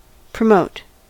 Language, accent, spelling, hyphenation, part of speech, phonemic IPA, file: English, US, promote, pro‧mote, verb, /pɹəˈmoʊt/, En-us-promote.ogg
- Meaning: To raise (someone) to a more important, responsible, or remunerative job or rank